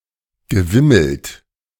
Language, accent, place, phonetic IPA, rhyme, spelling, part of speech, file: German, Germany, Berlin, [ɡəˈvɪml̩t], -ɪml̩t, gewimmelt, verb, De-gewimmelt.ogg
- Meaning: past participle of wimmeln